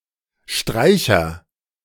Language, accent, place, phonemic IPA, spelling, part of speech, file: German, Germany, Berlin, /ˈʃtʁaɪ̯çɐ/, Streicher, noun, De-Streicher.ogg
- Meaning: string player